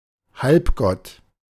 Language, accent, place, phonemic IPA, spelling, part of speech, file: German, Germany, Berlin, /ˈhalpˌɡɔt/, Halbgott, noun, De-Halbgott.ogg
- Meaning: 1. demigod 2. ellipsis of Halbgott in Weiß